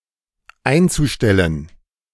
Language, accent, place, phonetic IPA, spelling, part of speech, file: German, Germany, Berlin, [ˈaɪ̯nt͡suˌʃtɛlən], einzustellen, verb, De-einzustellen.ogg
- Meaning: zu-infinitive of einstellen